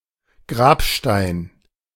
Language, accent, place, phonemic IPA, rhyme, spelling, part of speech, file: German, Germany, Berlin, /ˈɡʁaːpˌʃtaɪ̯n/, -aɪ̯n, Grabstein, noun, De-Grabstein.ogg
- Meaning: gravestone, tombstone